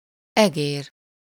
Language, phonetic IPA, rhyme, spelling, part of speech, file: Hungarian, [ˈɛɡeːr], -eːr, egér, noun, Hu-egér.ogg
- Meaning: 1. mouse (any mammal of the rodent family Muridae) 2. mouse (an input device)